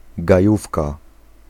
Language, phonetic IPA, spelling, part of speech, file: Polish, [ɡaˈjufka], gajówka, noun, Pl-gajówka.ogg